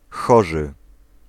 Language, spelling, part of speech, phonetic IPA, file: Polish, hoży, adjective, [ˈxɔʒɨ], Pl-hoży.ogg